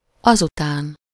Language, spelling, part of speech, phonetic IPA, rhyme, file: Hungarian, azután, adverb, [ˈɒzutaːn], -aːn, Hu-azután.ogg
- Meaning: afterwards, after that, then, next, later